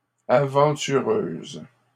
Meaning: feminine plural of aventureux
- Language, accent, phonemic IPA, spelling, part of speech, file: French, Canada, /a.vɑ̃.ty.ʁøz/, aventureuses, adjective, LL-Q150 (fra)-aventureuses.wav